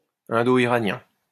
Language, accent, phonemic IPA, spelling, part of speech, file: French, France, /ɛ̃.do.i.ʁa.njɛ̃/, indo-iranien, adjective, LL-Q150 (fra)-indo-iranien.wav
- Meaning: Indo-Iranian